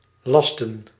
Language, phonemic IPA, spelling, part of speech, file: Dutch, /ˈlɑstə(n)/, lasten, verb / noun, Nl-lasten.ogg
- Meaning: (verb) 1. to emburden with a load 2. to charge with a responsibility; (noun) plural of last; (verb) inflection of lassen: 1. plural past indicative 2. plural past subjunctive